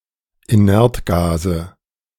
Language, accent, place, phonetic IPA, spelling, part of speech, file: German, Germany, Berlin, [iˈnɛʁtˌɡaːzə], Inertgase, noun, De-Inertgase.ogg
- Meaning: nominative/accusative/genitive plural of Inertgas